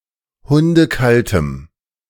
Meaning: strong dative masculine/neuter singular of hundekalt
- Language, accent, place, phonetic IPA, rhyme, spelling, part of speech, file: German, Germany, Berlin, [ˌhʊndəˈkaltəm], -altəm, hundekaltem, adjective, De-hundekaltem.ogg